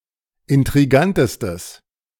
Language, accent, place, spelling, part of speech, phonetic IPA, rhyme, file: German, Germany, Berlin, intrigantestes, adjective, [ɪntʁiˈɡantəstəs], -antəstəs, De-intrigantestes.ogg
- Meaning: strong/mixed nominative/accusative neuter singular superlative degree of intrigant